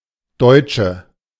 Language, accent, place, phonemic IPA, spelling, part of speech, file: German, Germany, Berlin, /ˈdɔɪ̯t͡ʃə/, Deutsche, noun, De-Deutsche.ogg
- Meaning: 1. female equivalent of Deutscher: German (female) 2. inflection of Deutscher: strong nominative/accusative plural 3. inflection of Deutscher: weak nominative singular